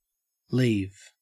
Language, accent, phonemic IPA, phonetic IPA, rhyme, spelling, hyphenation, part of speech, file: English, Australia, /ˈliːv/, [ˈlɪi̯v], -iːv, leave, leave, verb / noun, En-au-leave.ogg